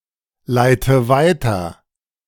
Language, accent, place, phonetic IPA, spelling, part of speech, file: German, Germany, Berlin, [ˌlaɪ̯tə ˈvaɪ̯tɐ], leite weiter, verb, De-leite weiter.ogg
- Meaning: inflection of weiterleiten: 1. first-person singular present 2. first/third-person singular subjunctive I 3. singular imperative